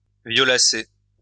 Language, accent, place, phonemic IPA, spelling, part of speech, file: French, France, Lyon, /vjɔ.la.se/, violacer, verb, LL-Q150 (fra)-violacer.wav
- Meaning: to turn purple, to purple